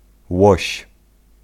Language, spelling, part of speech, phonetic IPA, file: Polish, łoś, noun, [wɔɕ], Pl-łoś.ogg